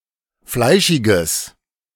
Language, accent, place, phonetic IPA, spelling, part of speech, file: German, Germany, Berlin, [ˈflaɪ̯ʃɪɡəs], fleischiges, adjective, De-fleischiges.ogg
- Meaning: strong/mixed nominative/accusative neuter singular of fleischig